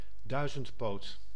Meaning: 1. a centipede, animal of the class Chilopoda 2. a person of many talents, especially one good at multi-tasking; a jack of all trades
- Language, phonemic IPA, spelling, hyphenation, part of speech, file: Dutch, /ˈdœy̯.zəntˌpoːt/, duizendpoot, dui‧zend‧poot, noun, Nl-duizendpoot.ogg